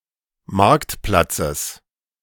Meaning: genitive singular of Marktplatz
- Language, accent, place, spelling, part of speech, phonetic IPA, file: German, Germany, Berlin, Marktplatzes, noun, [ˈmaʁktˌplat͡səs], De-Marktplatzes.ogg